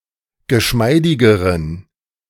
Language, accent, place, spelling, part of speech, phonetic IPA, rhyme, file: German, Germany, Berlin, geschmeidigeren, adjective, [ɡəˈʃmaɪ̯dɪɡəʁən], -aɪ̯dɪɡəʁən, De-geschmeidigeren.ogg
- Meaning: inflection of geschmeidig: 1. strong genitive masculine/neuter singular comparative degree 2. weak/mixed genitive/dative all-gender singular comparative degree